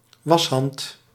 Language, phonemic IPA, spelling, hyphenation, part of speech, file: Dutch, /ˈʋɑs.ɦɑnt/, washand, was‧hand, noun, Nl-washand.ogg
- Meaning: a washing mitt; a pouch-like piece of terry cloth used for personal hygiene